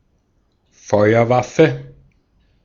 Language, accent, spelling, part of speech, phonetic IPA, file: German, Austria, Feuerwaffe, noun, [ˈfɔɪ̯ɐˌvafə], De-at-Feuerwaffe.ogg
- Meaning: firearm